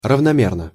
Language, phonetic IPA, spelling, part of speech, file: Russian, [rəvnɐˈmʲernə], равномерно, adverb / adjective, Ru-равномерно.ogg
- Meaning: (adverb) evenly, uniformly; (adjective) short neuter singular of равноме́рный (ravnomérnyj)